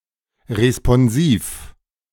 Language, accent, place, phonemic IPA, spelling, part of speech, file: German, Germany, Berlin, /ʁespɔnˈziːf/, responsiv, adjective, De-responsiv.ogg
- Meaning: responsive